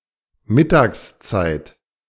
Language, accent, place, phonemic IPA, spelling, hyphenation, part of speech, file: German, Germany, Berlin, /ˈmɪtaːksˌt͡saɪ̯t/, Mittagszeit, Mit‧tags‧zeit, noun, De-Mittagszeit.ogg
- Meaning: lunchtime